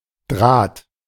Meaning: 1. wire (thread of metal; conductor) 2. thread
- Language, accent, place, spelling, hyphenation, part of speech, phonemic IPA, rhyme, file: German, Germany, Berlin, Draht, Draht, noun, /dʁaːt/, -aːt, De-Draht.ogg